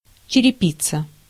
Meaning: roof tiles (ceramic or clay)
- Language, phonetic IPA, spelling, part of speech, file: Russian, [t͡ɕɪrʲɪˈpʲit͡sə], черепица, noun, Ru-черепица.ogg